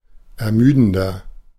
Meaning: 1. comparative degree of ermüdend 2. inflection of ermüdend: strong/mixed nominative masculine singular 3. inflection of ermüdend: strong genitive/dative feminine singular
- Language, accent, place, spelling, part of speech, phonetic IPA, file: German, Germany, Berlin, ermüdender, adjective, [ɛɐ̯ˈmyːdn̩dɐ], De-ermüdender.ogg